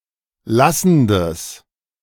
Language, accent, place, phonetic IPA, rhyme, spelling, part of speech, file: German, Germany, Berlin, [ˈlasn̩dəs], -asn̩dəs, lassendes, adjective, De-lassendes.ogg
- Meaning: strong/mixed nominative/accusative neuter singular of lassend